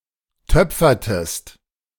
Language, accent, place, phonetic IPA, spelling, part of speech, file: German, Germany, Berlin, [ˈtœp͡fɐtəst], töpfertest, verb, De-töpfertest.ogg
- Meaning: inflection of töpfern: 1. second-person singular preterite 2. second-person singular subjunctive II